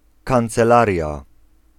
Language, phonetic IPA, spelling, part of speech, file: Polish, [ˌkãnt͡sɛˈlarʲja], kancelaria, noun, Pl-kancelaria.ogg